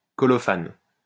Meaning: rosin
- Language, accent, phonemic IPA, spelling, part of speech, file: French, France, /kɔ.lɔ.fan/, colophane, noun, LL-Q150 (fra)-colophane.wav